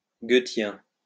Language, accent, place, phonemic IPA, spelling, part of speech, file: French, France, Lyon, /ɡø.tjɛ̃/, goethien, adjective, LL-Q150 (fra)-goethien.wav
- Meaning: Goethean